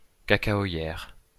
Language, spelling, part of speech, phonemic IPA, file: French, cacaoyère, noun, /ka.ka.ɔ.jɛʁ/, LL-Q150 (fra)-cacaoyère.wav
- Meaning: cocoa plantation